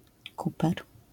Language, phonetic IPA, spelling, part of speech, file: Polish, [ˈkupɛr], kuper, noun, LL-Q809 (pol)-kuper.wav